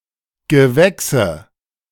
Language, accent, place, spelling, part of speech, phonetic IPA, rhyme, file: German, Germany, Berlin, Gewächse, noun, [ɡəˈvɛksə], -ɛksə, De-Gewächse.ogg
- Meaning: 1. nominative plural of Gewächs 2. genitive plural of Gewächs 3. accusative plural of Gewächs